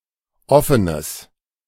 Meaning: strong/mixed nominative/accusative neuter singular of offen
- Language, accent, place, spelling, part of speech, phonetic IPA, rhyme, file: German, Germany, Berlin, offenes, adjective, [ˈɔfənəs], -ɔfənəs, De-offenes.ogg